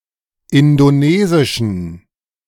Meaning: inflection of indonesisch: 1. strong genitive masculine/neuter singular 2. weak/mixed genitive/dative all-gender singular 3. strong/weak/mixed accusative masculine singular 4. strong dative plural
- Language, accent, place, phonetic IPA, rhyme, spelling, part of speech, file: German, Germany, Berlin, [ˌɪndoˈneːzɪʃn̩], -eːzɪʃn̩, indonesischen, adjective, De-indonesischen.ogg